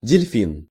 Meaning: dolphin
- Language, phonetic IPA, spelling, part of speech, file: Russian, [dʲɪlʲˈfʲin], дельфин, noun, Ru-дельфин.ogg